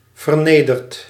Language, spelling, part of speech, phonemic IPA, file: Dutch, vernederd, verb, /vərˈnedərt/, Nl-vernederd.ogg
- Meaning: past participle of vernederen